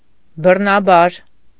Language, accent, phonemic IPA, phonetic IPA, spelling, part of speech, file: Armenian, Eastern Armenian, /bərnɑˈbɑɾ/, [bərnɑbɑ́ɾ], բռնաբար, adverb, Hy-բռնաբար.ogg
- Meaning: violently, forcibly, by force